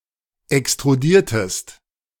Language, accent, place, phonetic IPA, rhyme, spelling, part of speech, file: German, Germany, Berlin, [ɛkstʁuˈdiːɐ̯təst], -iːɐ̯təst, extrudiertest, verb, De-extrudiertest.ogg
- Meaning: inflection of extrudieren: 1. second-person singular preterite 2. second-person singular subjunctive II